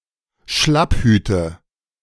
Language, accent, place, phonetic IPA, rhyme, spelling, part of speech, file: German, Germany, Berlin, [ˈʃlapˌhyːtə], -aphyːtə, Schlapphüte, noun, De-Schlapphüte.ogg
- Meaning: nominative/accusative/genitive plural of Schlapphut